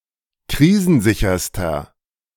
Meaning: inflection of krisensicher: 1. strong/mixed nominative masculine singular superlative degree 2. strong genitive/dative feminine singular superlative degree 3. strong genitive plural superlative degree
- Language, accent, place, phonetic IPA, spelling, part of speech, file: German, Germany, Berlin, [ˈkʁiːzn̩ˌzɪçɐstɐ], krisensicherster, adjective, De-krisensicherster.ogg